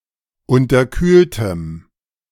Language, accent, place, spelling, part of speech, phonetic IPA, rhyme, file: German, Germany, Berlin, unterkühltem, adjective, [ˌʊntɐˈkyːltəm], -yːltəm, De-unterkühltem.ogg
- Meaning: strong dative masculine/neuter singular of unterkühlt